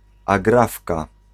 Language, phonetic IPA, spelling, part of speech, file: Polish, [aˈɡrafka], agrafka, noun, Pl-agrafka.ogg